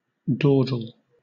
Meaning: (verb) 1. Chiefly followed by away: to spend (time) without haste or purpose 2. To spend time idly and unfruitfully; to waste time 3. To move or walk lackadaisically
- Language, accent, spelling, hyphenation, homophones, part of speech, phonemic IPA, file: English, Southern England, dawdle, daw‧dle, doddle, verb / noun, /ˈdɔːdl̩/, LL-Q1860 (eng)-dawdle.wav